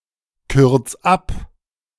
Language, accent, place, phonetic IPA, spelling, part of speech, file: German, Germany, Berlin, [ˌkʏʁt͡s ˈap], kürz ab, verb, De-kürz ab.ogg
- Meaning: 1. singular imperative of abkürzen 2. first-person singular present of abkürzen